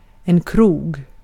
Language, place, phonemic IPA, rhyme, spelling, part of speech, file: Swedish, Gotland, /kruːɡ/, -uːɡ, krog, noun, Sv-krog.ogg
- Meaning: a (more rustic) premise where alcohol is sold and consumed; a pub, (except often not as strong in tone) a tavern